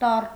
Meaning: letter (symbol in an alphabet)
- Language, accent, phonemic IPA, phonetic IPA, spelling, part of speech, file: Armenian, Eastern Armenian, /tɑr/, [tɑr], տառ, noun, Hy-տառ.ogg